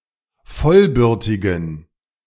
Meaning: inflection of vollbürtig: 1. strong genitive masculine/neuter singular 2. weak/mixed genitive/dative all-gender singular 3. strong/weak/mixed accusative masculine singular 4. strong dative plural
- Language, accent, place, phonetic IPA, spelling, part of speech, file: German, Germany, Berlin, [ˈfɔlˌbʏʁtɪɡn̩], vollbürtigen, adjective, De-vollbürtigen.ogg